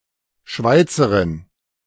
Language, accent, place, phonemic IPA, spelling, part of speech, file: German, Germany, Berlin, /ˈʃvaɪ̯t͡səʁɪn/, Schweizerin, noun, De-Schweizerin.ogg
- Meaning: female Swiss